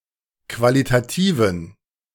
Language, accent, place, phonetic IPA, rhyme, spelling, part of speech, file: German, Germany, Berlin, [ˌkvalitaˈtiːvn̩], -iːvn̩, qualitativen, adjective, De-qualitativen.ogg
- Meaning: inflection of qualitativ: 1. strong genitive masculine/neuter singular 2. weak/mixed genitive/dative all-gender singular 3. strong/weak/mixed accusative masculine singular 4. strong dative plural